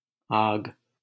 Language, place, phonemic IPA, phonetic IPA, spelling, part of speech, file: Hindi, Delhi, /ɑːɡ/, [äːɡ], आग, noun, LL-Q1568 (hin)-आग.wav
- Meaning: fire, flame